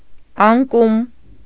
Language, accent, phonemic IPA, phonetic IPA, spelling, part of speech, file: Armenian, Eastern Armenian, /ɑnˈkum/, [ɑŋkúm], անկում, noun, Hy-անկում.ogg
- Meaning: 1. fall, tumble, collapse, drop 2. downfall, fall, overthrow 3. decline, decay; decadence 4. degradation